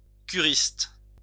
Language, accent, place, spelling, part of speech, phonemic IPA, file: French, France, Lyon, curiste, noun, /ky.ʁist/, LL-Q150 (fra)-curiste.wav
- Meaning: a person who takes the cure (waters) at a spa